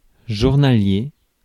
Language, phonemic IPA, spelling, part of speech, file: French, /ʒuʁ.na.lje/, journalier, adjective / noun, Fr-journalier.ogg
- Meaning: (adjective) 1. daily, every day 2. uncertain, ephemerous, precarious; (noun) a journeyman, laborer employed on a daily basis